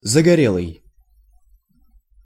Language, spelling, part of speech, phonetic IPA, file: Russian, загорелый, adjective, [zəɡɐˈrʲeɫɨj], Ru-загорелый.ogg
- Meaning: sunburnt, tanned; (strongly) brown, bronzed